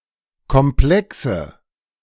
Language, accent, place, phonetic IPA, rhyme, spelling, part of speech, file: German, Germany, Berlin, [kɔmˈplɛksə], -ɛksə, Komplexe, noun, De-Komplexe.ogg
- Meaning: nominative/accusative/genitive plural of Komplex